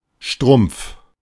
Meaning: 1. stocking; hose (women’s undergarment covering the foot, the lower leg, and part of the thigh) 2. stocking (long sock covering the foot and the lower leg) 3. sock
- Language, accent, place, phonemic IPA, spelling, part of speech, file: German, Germany, Berlin, /ʃtʁʊm(p)f/, Strumpf, noun, De-Strumpf.ogg